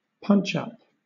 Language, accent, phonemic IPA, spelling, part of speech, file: English, Southern England, /ˈpʌntʃ ˌʌp/, punch up, noun, LL-Q1860 (eng)-punch up.wav
- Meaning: Misspelling of punch-up